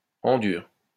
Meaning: hard
- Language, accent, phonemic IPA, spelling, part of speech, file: French, France, /ɑ̃ dyʁ/, en dur, adverb, LL-Q150 (fra)-en dur.wav